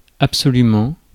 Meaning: 1. absolutely; totally; completely 2. at all costs
- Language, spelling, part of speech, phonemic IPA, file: French, absolument, adverb, /ap.sɔ.ly.mɑ̃/, Fr-absolument.ogg